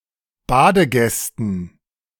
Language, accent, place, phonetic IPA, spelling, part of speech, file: German, Germany, Berlin, [ˈbaːdəˌɡɛstn̩], Badegästen, noun, De-Badegästen.ogg
- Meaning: dative plural of Badegast